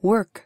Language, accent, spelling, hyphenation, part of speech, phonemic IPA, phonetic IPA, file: English, General American, work, work, noun / verb, /wɝk/, [wɚk], En-us-work.ogg
- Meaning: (noun) Employment.: 1. Labour, occupation, job 2. The place where one is employed 3. One's employer 4. A factory; a works